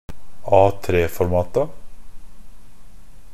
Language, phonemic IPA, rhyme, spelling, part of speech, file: Norwegian Bokmål, /ˈɑːtreːfɔrmɑːta/, -ɑːta, A3-formata, noun, NB - Pronunciation of Norwegian Bokmål «A3-formata».ogg
- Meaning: definite plural of A3-format